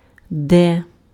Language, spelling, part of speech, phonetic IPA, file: Ukrainian, де, adverb, [dɛ], Uk-де.ogg
- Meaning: 1. where (in what place?) 2. where, whither (to what place?)